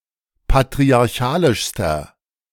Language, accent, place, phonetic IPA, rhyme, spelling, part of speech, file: German, Germany, Berlin, [patʁiaʁˈçaːlɪʃstɐ], -aːlɪʃstɐ, patriarchalischster, adjective, De-patriarchalischster.ogg
- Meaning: inflection of patriarchalisch: 1. strong/mixed nominative masculine singular superlative degree 2. strong genitive/dative feminine singular superlative degree